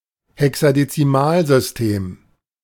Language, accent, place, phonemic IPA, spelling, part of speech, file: German, Germany, Berlin, /hɛksadet͡siˈmaːlzʏsˌteːm/, Hexadezimalsystem, noun, De-Hexadezimalsystem.ogg
- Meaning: hexadecimal system